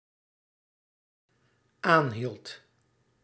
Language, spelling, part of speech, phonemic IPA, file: Dutch, aanhield, verb, /ˈanhilt/, Nl-aanhield.ogg
- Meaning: singular dependent-clause past indicative of aanhouden